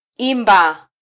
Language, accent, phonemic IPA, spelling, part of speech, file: Swahili, Kenya, /ˈi.ᵐbɑ/, imba, verb, Sw-ke-imba.flac
- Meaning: to sing